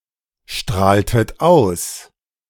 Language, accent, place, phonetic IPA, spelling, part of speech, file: German, Germany, Berlin, [ˌʃtʁaːltət ˈaʊ̯s], strahltet aus, verb, De-strahltet aus.ogg
- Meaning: inflection of ausstrahlen: 1. second-person plural preterite 2. second-person plural subjunctive II